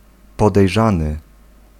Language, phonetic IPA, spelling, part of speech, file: Polish, [ˌpɔdɛjˈʒãnɨ], podejrzany, adjective / noun / verb, Pl-podejrzany.ogg